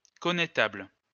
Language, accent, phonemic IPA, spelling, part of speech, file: French, France, /kɔ.ne.tabl/, connétable, noun, LL-Q150 (fra)-connétable.wav
- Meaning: constable (of France); supreme commander of the French armies